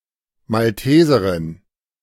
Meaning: Maltese (female inhabitant of Malta)
- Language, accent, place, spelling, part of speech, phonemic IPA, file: German, Germany, Berlin, Malteserin, noun, /malˈteːzɐʁɪn/, De-Malteserin.ogg